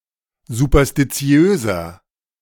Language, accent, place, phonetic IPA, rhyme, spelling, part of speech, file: German, Germany, Berlin, [zupɐstiˈt͡si̯øːzɐ], -øːzɐ, superstitiöser, adjective, De-superstitiöser.ogg
- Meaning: 1. comparative degree of superstitiös 2. inflection of superstitiös: strong/mixed nominative masculine singular 3. inflection of superstitiös: strong genitive/dative feminine singular